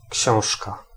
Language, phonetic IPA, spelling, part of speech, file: Polish, [ˈcɕɔ̃w̃ʃka], książka, noun, Pl-książka.ogg